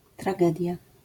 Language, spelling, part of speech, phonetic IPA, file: Polish, tragedia, noun, [traˈɡɛdʲja], LL-Q809 (pol)-tragedia.wav